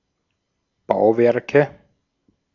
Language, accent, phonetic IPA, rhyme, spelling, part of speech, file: German, Austria, [ˈbaʊ̯ˌvɛʁkə], -aʊ̯vɛʁkə, Bauwerke, noun, De-at-Bauwerke.ogg
- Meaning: nominative/accusative/genitive plural of Bauwerk